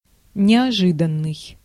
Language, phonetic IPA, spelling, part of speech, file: Russian, [nʲɪɐˈʐɨdən(ː)ɨj], неожиданный, adjective, Ru-неожиданный.ogg
- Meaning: sudden, unexpected (happening quickly and with little or no warning)